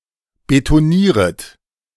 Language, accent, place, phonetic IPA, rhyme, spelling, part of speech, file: German, Germany, Berlin, [betoˈniːʁət], -iːʁət, betonieret, verb, De-betonieret.ogg
- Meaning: second-person plural subjunctive I of betonieren